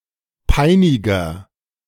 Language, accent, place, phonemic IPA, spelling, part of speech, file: German, Germany, Berlin, /ˈpaɪ̯nɪɡɐ/, Peiniger, noun, De-Peiniger.ogg
- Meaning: agent noun of peinigen; tormentor